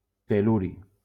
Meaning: tellurium
- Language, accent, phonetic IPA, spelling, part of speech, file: Catalan, Valencia, [telˈlu.ɾi], tel·luri, noun, LL-Q7026 (cat)-tel·luri.wav